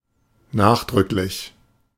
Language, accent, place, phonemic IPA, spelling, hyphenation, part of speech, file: German, Germany, Berlin, /ˈnaːxdʁʏklɪç/, nachdrücklich, nach‧drück‧lich, adjective / adverb, De-nachdrücklich.ogg
- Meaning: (adjective) emphatic, insistent; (adverb) insistently, emphatically